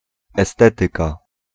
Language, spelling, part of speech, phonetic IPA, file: Polish, estetyka, noun, [ɛˈstɛtɨka], Pl-estetyka.ogg